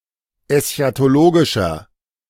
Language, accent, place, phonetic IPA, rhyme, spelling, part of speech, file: German, Germany, Berlin, [ɛsçatoˈloːɡɪʃɐ], -oːɡɪʃɐ, eschatologischer, adjective, De-eschatologischer.ogg
- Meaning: 1. comparative degree of eschatologisch 2. inflection of eschatologisch: strong/mixed nominative masculine singular 3. inflection of eschatologisch: strong genitive/dative feminine singular